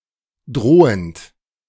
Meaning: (verb) present participle of drohen; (adjective) threatening, menacing, forbidding
- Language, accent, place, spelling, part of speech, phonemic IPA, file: German, Germany, Berlin, drohend, verb / adjective, /ˈdʁoːənt/, De-drohend.ogg